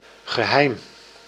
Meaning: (noun) secret; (adverb) secretly
- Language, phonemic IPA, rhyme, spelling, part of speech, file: Dutch, /ɣəˈɦɛi̯m/, -ɛi̯m, geheim, noun / adjective / adverb, Nl-geheim.ogg